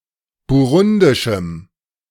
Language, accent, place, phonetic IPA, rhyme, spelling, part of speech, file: German, Germany, Berlin, [buˈʁʊndɪʃm̩], -ʊndɪʃm̩, burundischem, adjective, De-burundischem.ogg
- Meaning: strong dative masculine/neuter singular of burundisch